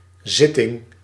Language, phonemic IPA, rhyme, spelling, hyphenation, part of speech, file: Dutch, /ˈzɪ.tɪŋ/, -ɪtɪŋ, zitting, zit‧ting, noun, Nl-zitting.ogg
- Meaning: 1. meeting, session 2. seat (of a chair)